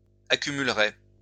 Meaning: third-person plural conditional of accumuler
- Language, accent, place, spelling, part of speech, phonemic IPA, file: French, France, Lyon, accumuleraient, verb, /a.ky.myl.ʁɛ/, LL-Q150 (fra)-accumuleraient.wav